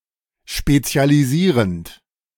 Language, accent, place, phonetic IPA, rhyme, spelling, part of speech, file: German, Germany, Berlin, [ˌʃpet͡si̯aliˈziːʁənt], -iːʁənt, spezialisierend, verb, De-spezialisierend.ogg
- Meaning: present participle of spezialisieren